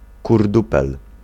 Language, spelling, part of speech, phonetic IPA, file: Polish, kurdupel, noun, [kurˈdupɛl], Pl-kurdupel.ogg